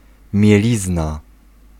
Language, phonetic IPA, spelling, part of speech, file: Polish, [mʲjɛˈlʲizna], mielizna, noun, Pl-mielizna.ogg